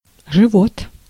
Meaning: 1. belly, stomach 2. life
- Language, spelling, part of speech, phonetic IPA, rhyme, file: Russian, живот, noun, [ʐɨˈvot], -ot, Ru-живот.ogg